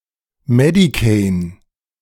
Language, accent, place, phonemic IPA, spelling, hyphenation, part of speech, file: German, Germany, Berlin, /ˈmɛdikein/, Medicane, Me‧di‧cane, noun, De-Medicane.ogg
- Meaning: medicane